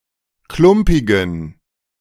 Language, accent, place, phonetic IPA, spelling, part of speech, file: German, Germany, Berlin, [ˈklʊmpɪɡn̩], klumpigen, adjective, De-klumpigen.ogg
- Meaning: inflection of klumpig: 1. strong genitive masculine/neuter singular 2. weak/mixed genitive/dative all-gender singular 3. strong/weak/mixed accusative masculine singular 4. strong dative plural